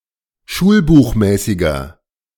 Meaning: inflection of schulbuchmäßig: 1. strong/mixed nominative masculine singular 2. strong genitive/dative feminine singular 3. strong genitive plural
- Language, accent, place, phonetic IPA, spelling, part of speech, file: German, Germany, Berlin, [ˈʃuːlbuːxˌmɛːsɪɡɐ], schulbuchmäßiger, adjective, De-schulbuchmäßiger.ogg